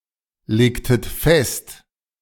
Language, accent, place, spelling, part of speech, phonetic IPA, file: German, Germany, Berlin, legtet fest, verb, [ˌleːktət ˈfɛst], De-legtet fest.ogg
- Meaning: inflection of festlegen: 1. second-person plural preterite 2. second-person plural subjunctive II